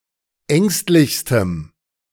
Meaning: strong dative masculine/neuter singular superlative degree of ängstlich
- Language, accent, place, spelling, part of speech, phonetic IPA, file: German, Germany, Berlin, ängstlichstem, adjective, [ˈɛŋstlɪçstəm], De-ängstlichstem.ogg